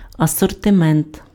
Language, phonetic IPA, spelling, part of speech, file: Ukrainian, [ɐsɔrteˈmɛnt], асортимент, noun, Uk-асортимент.ogg
- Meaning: assortment, range